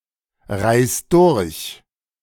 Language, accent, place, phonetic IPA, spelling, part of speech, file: German, Germany, Berlin, [ˌʁaɪ̯s ˈdʊʁç], reis durch, verb, De-reis durch.ogg
- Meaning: 1. singular imperative of durchreisen 2. first-person singular present of durchreisen